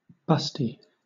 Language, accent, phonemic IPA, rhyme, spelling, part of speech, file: English, Southern England, /ˈbʌsti/, -ʌsti, busty, adjective, LL-Q1860 (eng)-busty.wav
- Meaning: Having large breasts